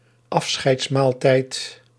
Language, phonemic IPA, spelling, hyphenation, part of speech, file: Dutch, /ˈɑf.sxɛi̯tsˌmaːl.tɛi̯t/, afscheidsmaaltijd, af‧scheids‧maal‧tijd, noun, Nl-afscheidsmaaltijd.ogg
- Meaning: farewell meal